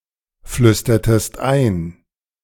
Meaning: inflection of einflüstern: 1. second-person singular preterite 2. second-person singular subjunctive II
- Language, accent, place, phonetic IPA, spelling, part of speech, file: German, Germany, Berlin, [ˌflʏstɐtəst ˈaɪ̯n], flüstertest ein, verb, De-flüstertest ein.ogg